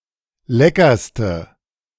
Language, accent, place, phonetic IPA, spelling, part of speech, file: German, Germany, Berlin, [ˈlɛkɐstə], leckerste, adjective, De-leckerste.ogg
- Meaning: inflection of lecker: 1. strong/mixed nominative/accusative feminine singular superlative degree 2. strong nominative/accusative plural superlative degree